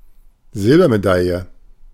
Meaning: silver medal
- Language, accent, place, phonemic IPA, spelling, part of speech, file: German, Germany, Berlin, /ˈzɪlbɐmeˌdaljə/, Silbermedaille, noun, De-Silbermedaille.ogg